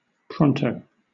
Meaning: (adverb) Quickly, very soon, promptly; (adjective) Quick, prompt
- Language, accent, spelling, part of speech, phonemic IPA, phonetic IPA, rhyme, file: English, Southern England, pronto, adverb / adjective, /ˈpɹɒntəʊ/, [ˈpʰɹɒntʰəʊ̯], -ɒntəʊ, LL-Q1860 (eng)-pronto.wav